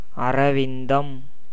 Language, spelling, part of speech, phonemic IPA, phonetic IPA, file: Tamil, அரவிந்தம், noun, /ɐɾɐʋɪnd̪ɐm/, [ɐɾɐʋɪn̪d̪ɐm], Ta-அரவிந்தம்.ogg
- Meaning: lotus